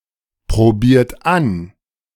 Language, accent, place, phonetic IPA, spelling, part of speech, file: German, Germany, Berlin, [pʁoˌbiːɐ̯t ˈan], probiert an, verb, De-probiert an.ogg
- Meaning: inflection of anprobieren: 1. third-person singular present 2. second-person plural present 3. plural imperative